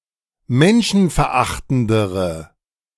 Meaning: inflection of menschenverachtend: 1. strong/mixed nominative/accusative feminine singular comparative degree 2. strong nominative/accusative plural comparative degree
- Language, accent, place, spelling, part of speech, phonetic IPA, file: German, Germany, Berlin, menschenverachtendere, adjective, [ˈmɛnʃn̩fɛɐ̯ˌʔaxtn̩dəʁə], De-menschenverachtendere.ogg